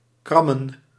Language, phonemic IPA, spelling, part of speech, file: Dutch, /ˈkrɑmə(n)/, krammen, verb / noun, Nl-krammen.ogg
- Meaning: plural of kram